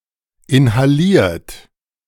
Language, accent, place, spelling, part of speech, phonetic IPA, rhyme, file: German, Germany, Berlin, inhaliert, verb, [ɪnhaˈliːɐ̯t], -iːɐ̯t, De-inhaliert.ogg
- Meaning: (verb) past participle of inhalieren; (adjective) inhaled; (verb) inflection of inhalieren: 1. third-person singular present 2. second-person plural present 3. plural imperative